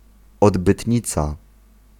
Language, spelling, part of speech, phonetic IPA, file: Polish, odbytnica, noun, [ˌɔdbɨtʲˈɲit͡sa], Pl-odbytnica.ogg